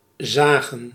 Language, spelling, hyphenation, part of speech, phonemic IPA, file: Dutch, zagen, za‧gen, verb / noun, /ˈzaːɣə(n)/, Nl-zagen.ogg
- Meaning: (verb) 1. to saw 2. to nag, to speak in an annoying tone, to repeat oneself ad nauseam; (noun) plural of zaag; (verb) inflection of zien: 1. plural past indicative 2. plural past subjunctive